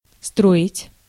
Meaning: 1. to build, to construct 2. to make, to construct 3. to form, to draw up, to dress up
- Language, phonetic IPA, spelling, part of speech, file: Russian, [ˈstroɪtʲ], строить, verb, Ru-строить.ogg